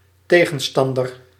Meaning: adversary, opponent
- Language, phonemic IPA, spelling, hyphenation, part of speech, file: Dutch, /ˈteː.ɣə(n)ˌstɑn.dər/, tegenstander, te‧gen‧stan‧der, noun, Nl-tegenstander.ogg